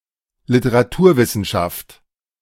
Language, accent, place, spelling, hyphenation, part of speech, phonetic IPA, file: German, Germany, Berlin, Literaturwissenschaft, Li‧te‧ra‧tur‧wis‧sen‧schaft, noun, [lɪtəʁaˈtuːɐ̯vɪsn̩ʃaft], De-Literaturwissenschaft.ogg
- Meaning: literary science